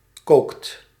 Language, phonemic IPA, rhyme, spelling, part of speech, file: Dutch, /koːkt/, -oːkt, kookt, verb, Nl-kookt.ogg
- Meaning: inflection of koken: 1. second/third-person singular present indicative 2. plural imperative